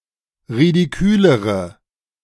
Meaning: inflection of ridikül: 1. strong/mixed nominative/accusative feminine singular comparative degree 2. strong nominative/accusative plural comparative degree
- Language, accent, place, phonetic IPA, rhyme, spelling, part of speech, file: German, Germany, Berlin, [ʁidiˈkyːləʁə], -yːləʁə, ridikülere, adjective, De-ridikülere.ogg